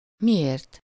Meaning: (pronoun) causal-final singular of mi; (adverb) why
- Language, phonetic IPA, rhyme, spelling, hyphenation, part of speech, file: Hungarian, [ˈmijeːrt], -eːrt, miért, mi‧ért, pronoun / adverb, Hu-miért.ogg